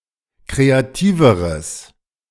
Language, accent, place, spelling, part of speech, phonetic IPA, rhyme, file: German, Germany, Berlin, kreativeres, adjective, [ˌkʁeaˈtiːvəʁəs], -iːvəʁəs, De-kreativeres.ogg
- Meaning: strong/mixed nominative/accusative neuter singular comparative degree of kreativ